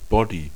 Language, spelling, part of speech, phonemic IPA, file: German, Body, noun, /ˈbɔdi/, De-Body.ogg
- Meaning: bodysuit, leotard (skin-tight, one-piece garment)